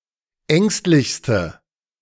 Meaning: inflection of ängstlich: 1. strong/mixed nominative/accusative feminine singular superlative degree 2. strong nominative/accusative plural superlative degree
- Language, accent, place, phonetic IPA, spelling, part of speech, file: German, Germany, Berlin, [ˈɛŋstlɪçstə], ängstlichste, adjective, De-ängstlichste.ogg